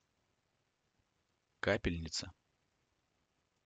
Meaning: drip, dropper, dropping bottle
- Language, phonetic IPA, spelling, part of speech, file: Russian, [ˈkapʲɪlʲnʲɪt͡sə], капельница, noun, Ru-Kapelnica.ogg